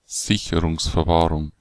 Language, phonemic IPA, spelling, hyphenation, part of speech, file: German, /ˈzɪçəʁʊŋsfɛɐ̯ˌvaːʁʊŋ/, Sicherungsverwahrung, Sicherungsverwahrung, noun, De-Sicherungsverwahrung.ogg
- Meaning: preventive detention